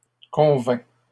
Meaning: third-person singular past historic of convenir
- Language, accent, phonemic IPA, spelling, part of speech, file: French, Canada, /kɔ̃.vɛ̃/, convint, verb, LL-Q150 (fra)-convint.wav